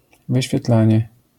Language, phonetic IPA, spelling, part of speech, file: Polish, [ˌvɨɕfʲjɛˈtlãɲɛ], wyświetlanie, noun, LL-Q809 (pol)-wyświetlanie.wav